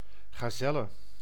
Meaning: gazelle, mammal of the tribe Antilopini
- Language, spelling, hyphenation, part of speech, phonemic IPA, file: Dutch, gazelle, ga‧zel‧le, noun, /ˌɣaːˈzɛ.lə/, Nl-gazelle.ogg